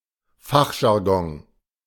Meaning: technical terminology
- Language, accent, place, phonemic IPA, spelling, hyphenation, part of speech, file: German, Germany, Berlin, /ˈfaxʒaʁˌɡɔŋ/, Fachjargon, Fach‧jar‧gon, noun, De-Fachjargon.ogg